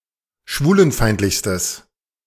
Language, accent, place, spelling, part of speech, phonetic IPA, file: German, Germany, Berlin, schwulenfeindlichstes, adjective, [ˈʃvuːlənˌfaɪ̯ntlɪçstəs], De-schwulenfeindlichstes.ogg
- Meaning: strong/mixed nominative/accusative neuter singular superlative degree of schwulenfeindlich